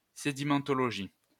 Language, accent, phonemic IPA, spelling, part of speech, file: French, France, /se.di.mɑ̃.tɔ.lɔ.ʒi/, sédimentologie, noun, LL-Q150 (fra)-sédimentologie.wav
- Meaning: sedimentology